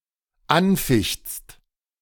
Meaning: second-person singular dependent present of anfechten
- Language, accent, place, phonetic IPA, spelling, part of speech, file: German, Germany, Berlin, [ˈanˌfɪçt͡st], anfichtst, verb, De-anfichtst.ogg